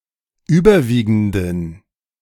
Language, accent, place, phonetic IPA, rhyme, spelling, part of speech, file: German, Germany, Berlin, [ˈyːbɐˌviːɡn̩dən], -iːɡn̩dən, überwiegenden, adjective, De-überwiegenden.ogg
- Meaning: inflection of überwiegend: 1. strong genitive masculine/neuter singular 2. weak/mixed genitive/dative all-gender singular 3. strong/weak/mixed accusative masculine singular 4. strong dative plural